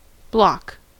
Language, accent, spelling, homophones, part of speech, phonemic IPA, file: English, US, block, bloc, noun / verb, /blɑk/, En-us-block.ogg
- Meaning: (noun) A substantial, often approximately cuboid, piece of any substance